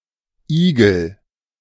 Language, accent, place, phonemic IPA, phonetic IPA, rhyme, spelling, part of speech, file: German, Germany, Berlin, /ˈiːɡəl/, [ˈʔiːɡl̩], -iːɡl̩, Igel, noun, De-Igel.ogg
- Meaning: hedgehog